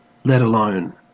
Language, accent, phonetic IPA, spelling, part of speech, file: English, Australia, [lɛt əˈləʊn], let alone, conjunction, En-au-let alone.ogg